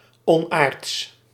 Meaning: unnatural, unearthly
- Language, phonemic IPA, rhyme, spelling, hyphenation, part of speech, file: Dutch, /ɔnˈaːrts/, -aːrts, onaards, on‧aards, adjective, Nl-onaards.ogg